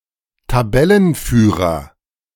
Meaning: top of the table, league leader
- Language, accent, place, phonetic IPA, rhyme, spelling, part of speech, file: German, Germany, Berlin, [taˈbɛlənˌfyːʁɐ], -ɛlənfyːʁɐ, Tabellenführer, noun, De-Tabellenführer.ogg